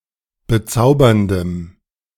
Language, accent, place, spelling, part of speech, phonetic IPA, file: German, Germany, Berlin, bezauberndem, adjective, [bəˈt͡saʊ̯bɐndəm], De-bezauberndem.ogg
- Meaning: strong dative masculine/neuter singular of bezaubernd